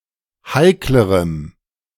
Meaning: strong dative masculine/neuter singular comparative degree of heikel
- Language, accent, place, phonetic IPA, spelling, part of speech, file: German, Germany, Berlin, [ˈhaɪ̯kləʁəm], heiklerem, adjective, De-heiklerem.ogg